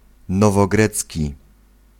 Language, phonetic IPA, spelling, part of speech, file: Polish, [ˌnɔvɔˈɡrɛt͡sʲci], nowogrecki, adjective / noun, Pl-nowogrecki.ogg